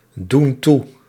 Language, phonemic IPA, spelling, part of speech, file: Dutch, /ˈdun ˈtu/, doen toe, verb, Nl-doen toe.ogg
- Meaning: inflection of toedoen: 1. plural present indicative 2. plural present subjunctive